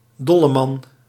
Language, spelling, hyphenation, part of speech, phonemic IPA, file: Dutch, dolleman, dol‧le‧man, noun, /ˈdɔ.ləˌmɑn/, Nl-dolleman.ogg
- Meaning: madman